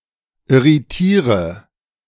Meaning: inflection of irritieren: 1. first-person singular present 2. first/third-person singular subjunctive I 3. singular imperative
- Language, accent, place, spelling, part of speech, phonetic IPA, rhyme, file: German, Germany, Berlin, irritiere, verb, [ɪʁiˈtiːʁə], -iːʁə, De-irritiere.ogg